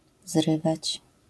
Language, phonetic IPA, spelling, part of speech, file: Polish, [ˈzrɨvat͡ɕ], zrywać, verb, LL-Q809 (pol)-zrywać.wav